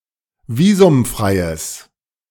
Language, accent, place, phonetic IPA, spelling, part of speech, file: German, Germany, Berlin, [ˈviːzʊmˌfʁaɪ̯əs], visumfreies, adjective, De-visumfreies.ogg
- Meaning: strong/mixed nominative/accusative neuter singular of visumfrei